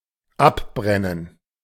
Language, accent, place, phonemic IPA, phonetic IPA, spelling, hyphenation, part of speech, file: German, Germany, Berlin, /ˈabʁɛnən/, [ˈʔabʁɛnn̩], abbrennen, ab‧bren‧nen, verb, De-abbrennen.ogg
- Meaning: 1. to set fire to, to destroy by fire 2. to burn down, to burn up, to be destroyed by fire 3. to burn off, to remove by burning 4. to burn out (burn until extinguished due to lack of fuel)